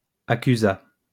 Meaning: third-person singular past historic of accuser
- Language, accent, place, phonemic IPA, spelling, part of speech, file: French, France, Lyon, /a.ky.za/, accusa, verb, LL-Q150 (fra)-accusa.wav